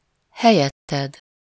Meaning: second-person singular of helyette
- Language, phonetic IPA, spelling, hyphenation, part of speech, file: Hungarian, [ˈhɛjɛtːɛd], helyetted, he‧lyet‧ted, pronoun, Hu-helyetted.ogg